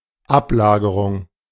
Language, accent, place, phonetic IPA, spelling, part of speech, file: German, Germany, Berlin, [ˈapˌlaːɡəʁʊŋ], Ablagerung, noun, De-Ablagerung.ogg
- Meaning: 1. deposit, sediment 2. debris 3. residue 4. deposition